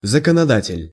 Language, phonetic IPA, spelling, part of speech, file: Russian, [zəkənɐˈdatʲɪlʲ], законодатель, noun, Ru-законодатель.ogg
- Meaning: lawmaker